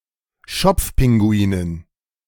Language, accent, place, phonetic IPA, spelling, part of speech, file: German, Germany, Berlin, [ˈʃɔp͡fˌpɪŋɡuiːnən], Schopfpinguinen, noun, De-Schopfpinguinen.ogg
- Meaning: dative plural of Schopfpinguin